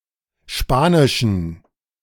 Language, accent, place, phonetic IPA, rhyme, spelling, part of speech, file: German, Germany, Berlin, [ˈʃpaːnɪʃn̩], -aːnɪʃn̩, spanischen, adjective, De-spanischen.ogg
- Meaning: inflection of spanisch: 1. strong genitive masculine/neuter singular 2. weak/mixed genitive/dative all-gender singular 3. strong/weak/mixed accusative masculine singular 4. strong dative plural